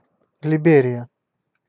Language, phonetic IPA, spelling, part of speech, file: Russian, [lʲɪˈbʲerʲɪjə], Либерия, proper noun, Ru-Либерия.ogg
- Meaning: Liberia (a country in West Africa, on the Atlantic Ocean, with Monrovia as its capital)